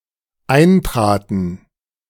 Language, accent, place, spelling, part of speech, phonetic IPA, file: German, Germany, Berlin, eintraten, verb, [ˈaɪ̯nˌtʁaːtn̩], De-eintraten.ogg
- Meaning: first/third-person plural dependent preterite of eintreten